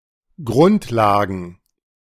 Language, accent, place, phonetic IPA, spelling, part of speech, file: German, Germany, Berlin, [ˈɡʁʊntˌlaːɡn̩], Grundlagen, noun, De-Grundlagen.ogg
- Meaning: plural of Grundlage